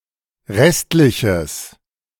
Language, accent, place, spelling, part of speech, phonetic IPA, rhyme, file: German, Germany, Berlin, restliches, adjective, [ˈʁɛstlɪçəs], -ɛstlɪçəs, De-restliches.ogg
- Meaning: strong/mixed nominative/accusative neuter singular of restlich